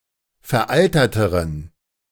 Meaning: inflection of veraltert: 1. strong genitive masculine/neuter singular comparative degree 2. weak/mixed genitive/dative all-gender singular comparative degree
- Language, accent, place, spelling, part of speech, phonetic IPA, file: German, Germany, Berlin, veralterteren, adjective, [fɛɐ̯ˈʔaltɐtəʁən], De-veralterteren.ogg